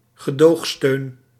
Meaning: support for the governing coalition from an opposition party (which is not officially a member of that coalition), typically to allow formation of a minority government
- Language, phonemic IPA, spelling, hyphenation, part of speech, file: Dutch, /ɣəˈdoːxˌstøːn/, gedoogsteun, ge‧doog‧steun, noun, Nl-gedoogsteun.ogg